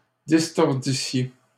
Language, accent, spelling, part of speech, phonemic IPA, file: French, Canada, distordissiez, verb, /dis.tɔʁ.di.sje/, LL-Q150 (fra)-distordissiez.wav
- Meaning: second-person plural imperfect subjunctive of distordre